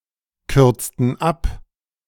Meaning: inflection of abkürzen: 1. first/third-person plural preterite 2. first/third-person plural subjunctive II
- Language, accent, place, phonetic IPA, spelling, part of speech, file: German, Germany, Berlin, [ˌkʏʁt͡stn̩ ˈap], kürzten ab, verb, De-kürzten ab.ogg